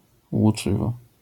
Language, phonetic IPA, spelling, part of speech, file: Polish, [wuˈt͡ʃɨvɔ], łuczywo, noun, LL-Q809 (pol)-łuczywo.wav